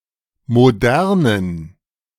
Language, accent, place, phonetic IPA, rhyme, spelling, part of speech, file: German, Germany, Berlin, [moˈdɛʁnən], -ɛʁnən, modernen, adjective, De-modernen.ogg
- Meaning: inflection of modern: 1. strong genitive masculine/neuter singular 2. weak/mixed genitive/dative all-gender singular 3. strong/weak/mixed accusative masculine singular 4. strong dative plural